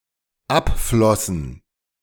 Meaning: first/third-person plural dependent preterite of abfließen
- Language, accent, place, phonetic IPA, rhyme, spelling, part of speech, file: German, Germany, Berlin, [ˈapˌflɔsn̩], -apflɔsn̩, abflossen, verb, De-abflossen.ogg